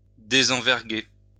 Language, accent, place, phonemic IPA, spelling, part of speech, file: French, France, Lyon, /de.zɑ̃.vɛʁ.ɡe/, désenverguer, verb, LL-Q150 (fra)-désenverguer.wav
- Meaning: "to unbend (sails)"